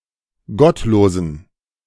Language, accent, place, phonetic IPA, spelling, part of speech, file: German, Germany, Berlin, [ˈɡɔtˌloːzn̩], gottlosen, adjective, De-gottlosen.ogg
- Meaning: inflection of gottlos: 1. strong genitive masculine/neuter singular 2. weak/mixed genitive/dative all-gender singular 3. strong/weak/mixed accusative masculine singular 4. strong dative plural